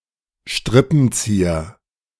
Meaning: string puller, puppet master, mastermind, svengali
- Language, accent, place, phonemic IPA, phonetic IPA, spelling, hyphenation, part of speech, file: German, Germany, Berlin, /ˈʃtʁɪpn̩ˌt͡siːɐ/, [ˈʃtʁɪpm̩ˌt͡siːɐ], Strippenzieher, Strip‧pen‧zie‧her, noun, De-Strippenzieher2.ogg